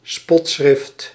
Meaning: satirical text, written satire
- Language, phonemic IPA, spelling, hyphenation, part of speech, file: Dutch, /ˈspɔt.sxrɪft/, spotschrift, spot‧schrift, noun, Nl-spotschrift.ogg